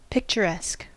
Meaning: 1. Resembling or worthy of a picture or painting; having the qualities of a picture or painting; pleasingly beautiful 2. Strikingly graphic or vivid; having striking and vivid imagery
- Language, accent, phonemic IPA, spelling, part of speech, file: English, US, /ˌpɪkt͡ʃəˈɹɛsk/, picturesque, adjective, En-us-picturesque.ogg